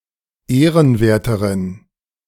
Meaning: inflection of ehrenwert: 1. strong genitive masculine/neuter singular comparative degree 2. weak/mixed genitive/dative all-gender singular comparative degree
- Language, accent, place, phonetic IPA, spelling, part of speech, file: German, Germany, Berlin, [ˈeːʁənˌveːɐ̯təʁən], ehrenwerteren, adjective, De-ehrenwerteren.ogg